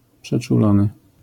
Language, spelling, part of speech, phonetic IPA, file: Polish, przeczulony, adjective, [ˌpʃɛt͡ʃuˈlɔ̃nɨ], LL-Q809 (pol)-przeczulony.wav